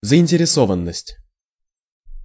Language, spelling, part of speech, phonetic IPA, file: Russian, заинтересованность, noun, [zəɪnʲtʲɪrʲɪˈsovən(ː)əsʲtʲ], Ru-заинтересованность.ogg
- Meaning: concernment, interest, commitment; motives